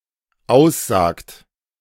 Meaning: inflection of aussagen: 1. third-person singular dependent present 2. second-person plural dependent present
- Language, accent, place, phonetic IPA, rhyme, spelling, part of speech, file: German, Germany, Berlin, [ˈaʊ̯sˌzaːkt], -aʊ̯szaːkt, aussagt, verb, De-aussagt.ogg